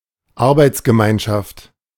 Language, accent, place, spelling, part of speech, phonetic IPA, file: German, Germany, Berlin, Arbeitsgemeinschaft, noun, [ˈaʁbaɪ̯tsɡəˌmaɪ̯nʃaft], De-Arbeitsgemeinschaft.ogg
- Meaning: 1. working group 2. team 3. consortium